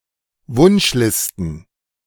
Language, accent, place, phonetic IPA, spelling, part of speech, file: German, Germany, Berlin, [ˈvʊnʃˌlɪstn̩], Wunschlisten, noun, De-Wunschlisten.ogg
- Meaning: plural of Wunschliste